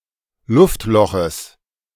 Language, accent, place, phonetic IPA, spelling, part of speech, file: German, Germany, Berlin, [ˈlʊftˌlɔxəs], Luftloches, noun, De-Luftloches.ogg
- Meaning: genitive singular of Luftloch